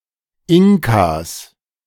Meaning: 1. genitive singular of Inka 2. plural of Inka
- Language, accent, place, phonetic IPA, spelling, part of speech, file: German, Germany, Berlin, [ˈɪŋkaːs], Inkas, noun, De-Inkas.ogg